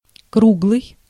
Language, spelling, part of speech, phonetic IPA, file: Russian, круглый, adjective, [ˈkruɡɫɨj], Ru-круглый.ogg
- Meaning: 1. round, circular 2. perfect, complete 3. chubby